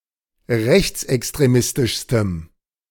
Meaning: strong dative masculine/neuter singular superlative degree of rechtsextremistisch
- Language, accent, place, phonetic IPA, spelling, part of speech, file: German, Germany, Berlin, [ˈʁɛçt͡sʔɛkstʁeˌmɪstɪʃstəm], rechtsextremistischstem, adjective, De-rechtsextremistischstem.ogg